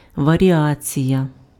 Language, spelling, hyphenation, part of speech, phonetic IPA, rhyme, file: Ukrainian, варіація, ва‧рі‧а‧ція, noun, [ʋɐrʲiˈat͡sʲijɐ], -at͡sʲijɐ, Uk-варіація.ogg
- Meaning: 1. variation (act of varying; partial change) 2. variation (related but distinct thing) 3. variation